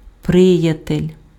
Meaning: 1. friend 2. buddy, pal
- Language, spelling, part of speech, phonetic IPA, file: Ukrainian, приятель, noun, [ˈprɪjɐtelʲ], Uk-приятель.ogg